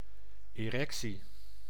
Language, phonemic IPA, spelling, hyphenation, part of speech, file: Dutch, /eːˈrɛksi/, erectie, erec‧tie, noun, Nl-erectie.ogg
- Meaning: erection (of the penis)